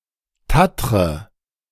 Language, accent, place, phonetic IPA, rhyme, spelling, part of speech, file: German, Germany, Berlin, [ˈtatʁə], -atʁə, tattre, verb, De-tattre.ogg
- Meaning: inflection of tattern: 1. first-person singular present 2. first/third-person singular subjunctive I 3. singular imperative